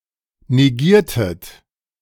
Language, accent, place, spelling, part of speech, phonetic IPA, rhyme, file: German, Germany, Berlin, negiertet, verb, [neˈɡiːɐ̯tət], -iːɐ̯tət, De-negiertet.ogg
- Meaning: inflection of negieren: 1. second-person plural preterite 2. second-person plural subjunctive II